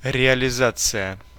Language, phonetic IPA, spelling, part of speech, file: Russian, [rʲɪəlʲɪˈzat͡sɨjə], реализация, noun, Ru-реализация.ogg
- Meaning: 1. realization (the act of making real) 2. implementation (the process of moving an idea from concept to reality) 3. implementation (a result of implementing something)